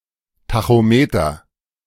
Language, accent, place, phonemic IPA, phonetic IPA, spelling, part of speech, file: German, Germany, Berlin, /ˌtaxoˈmeːtɐ/, [ˌtʰaxoˈmeːtʰɐ], Tachometer, noun, De-Tachometer.ogg
- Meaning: 1. speedometer 2. tachometer (device measuring revolutions per minute)